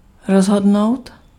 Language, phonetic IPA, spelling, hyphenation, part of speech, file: Czech, [ˈrozɦodnou̯t], rozhodnout, roz‧hod‧nout, verb, Cs-rozhodnout.ogg
- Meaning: 1. to decide (come to a resolution or judgment) 2. to decide 3. to decide, determine, settle